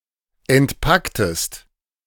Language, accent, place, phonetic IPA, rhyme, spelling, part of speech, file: German, Germany, Berlin, [ɛntˈpaktəst], -aktəst, entpacktest, verb, De-entpacktest.ogg
- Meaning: inflection of entpacken: 1. second-person singular preterite 2. second-person singular subjunctive II